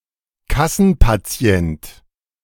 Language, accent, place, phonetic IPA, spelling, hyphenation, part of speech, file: German, Germany, Berlin, [ˈkasn̩paˌt͡si̯ɛnt], Kassenpatient, Kas‧sen‧pa‧ti‧ent, noun, De-Kassenpatient.ogg
- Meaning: a patient who is a member of a health insurance scheme that belongs to the national health insurance system, as opposed to private health insurance